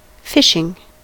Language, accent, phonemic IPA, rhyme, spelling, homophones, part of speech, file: English, US, /ˈfɪʃɪŋ/, -ɪʃɪŋ, fishing, phishing, noun / verb, En-us-fishing.ogg
- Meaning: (noun) 1. The act of catching fish 2. The act of catching other forms of seafood, separately or together with fish